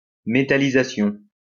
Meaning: metallization
- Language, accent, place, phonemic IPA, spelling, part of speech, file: French, France, Lyon, /me.ta.li.za.sjɔ̃/, métallisation, noun, LL-Q150 (fra)-métallisation.wav